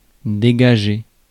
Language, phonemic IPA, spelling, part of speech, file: French, /de.ɡa.ʒe/, dégager, verb, Fr-dégager.ogg
- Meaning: 1. to free (someone or something) 2. to relieve (a town, army, etc.) 3. to release (funds) 4. to clear (a table, area, nose etc.) 5. to give off, emit, radiate